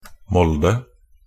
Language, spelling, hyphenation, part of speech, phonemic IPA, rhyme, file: Norwegian Bokmål, Molde, Mol‧de, proper noun, /ˈmɔldə/, -ɔldə, Nb-molde.ogg
- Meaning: Molde (the administrative centre, city, and municipality of Møre og Romsdal, Western Norway, Norway)